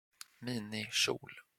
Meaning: a miniskirt
- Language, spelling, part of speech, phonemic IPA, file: Swedish, minikjol, noun, /ˈmiːnɪˌɕuːl/, Sv-minikjol.flac